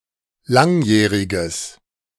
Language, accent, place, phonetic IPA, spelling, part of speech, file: German, Germany, Berlin, [ˈlaŋˌjɛːʁɪɡəs], langjähriges, adjective, De-langjähriges.ogg
- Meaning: strong/mixed nominative/accusative neuter singular of langjährig